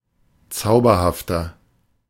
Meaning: 1. comparative degree of zauberhaft 2. inflection of zauberhaft: strong/mixed nominative masculine singular 3. inflection of zauberhaft: strong genitive/dative feminine singular
- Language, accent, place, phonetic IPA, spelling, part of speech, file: German, Germany, Berlin, [ˈt͡saʊ̯bɐhaftɐ], zauberhafter, adjective, De-zauberhafter.ogg